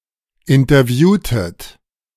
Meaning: inflection of interviewen: 1. second-person plural preterite 2. second-person plural subjunctive II
- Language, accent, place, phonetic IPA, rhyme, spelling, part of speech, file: German, Germany, Berlin, [ɪntɐˈvjuːtət], -uːtət, interviewtet, verb, De-interviewtet.ogg